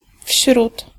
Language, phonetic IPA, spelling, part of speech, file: Polish, [fʲɕrut], wśród, preposition, Pl-wśród.ogg